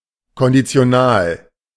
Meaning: conditional
- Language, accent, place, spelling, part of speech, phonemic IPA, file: German, Germany, Berlin, konditional, adjective, /kɔndit͡si̯oˈnaːl/, De-konditional.ogg